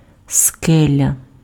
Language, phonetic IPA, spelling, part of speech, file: Ukrainian, [ˈskɛlʲɐ], скеля, noun, Uk-скеля.ogg
- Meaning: rock, cliff, crag (mass of projecting rock)